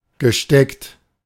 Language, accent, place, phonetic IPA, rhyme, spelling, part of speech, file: German, Germany, Berlin, [ɡəˈʃtɛkt], -ɛkt, gesteckt, verb, De-gesteckt.ogg
- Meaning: past participle of stecken